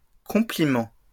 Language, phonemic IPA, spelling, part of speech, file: French, /kɔ̃.pli.mɑ̃/, compliments, noun, LL-Q150 (fra)-compliments.wav
- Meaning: plural of compliment